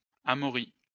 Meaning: 1. a surname 2. a male given name, equivalent to English Amory
- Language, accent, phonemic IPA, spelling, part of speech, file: French, France, /a.mɔ.ʁi/, Amaury, proper noun, LL-Q150 (fra)-Amaury.wav